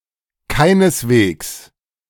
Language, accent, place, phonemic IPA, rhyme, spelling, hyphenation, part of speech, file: German, Germany, Berlin, /ˈkaɪ̯nəsˌveːks/, -eːks, keineswegs, kei‧nes‧wegs, adverb, De-keineswegs.ogg
- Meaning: in no way, by no means, not at all, not a bit